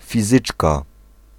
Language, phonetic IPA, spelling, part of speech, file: Polish, [fʲiˈzɨt͡ʃka], fizyczka, noun, Pl-fizyczka.ogg